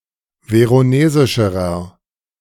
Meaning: inflection of veronesisch: 1. strong/mixed nominative masculine singular comparative degree 2. strong genitive/dative feminine singular comparative degree 3. strong genitive plural comparative degree
- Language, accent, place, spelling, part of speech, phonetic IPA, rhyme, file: German, Germany, Berlin, veronesischerer, adjective, [ˌveʁoˈneːzɪʃəʁɐ], -eːzɪʃəʁɐ, De-veronesischerer.ogg